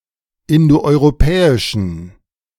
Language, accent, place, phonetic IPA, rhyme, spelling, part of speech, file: German, Germany, Berlin, [ˌɪndoʔɔɪ̯ʁoˈpɛːɪʃn̩], -ɛːɪʃn̩, indoeuropäischen, adjective, De-indoeuropäischen.ogg
- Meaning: inflection of indoeuropäisch: 1. strong genitive masculine/neuter singular 2. weak/mixed genitive/dative all-gender singular 3. strong/weak/mixed accusative masculine singular 4. strong dative plural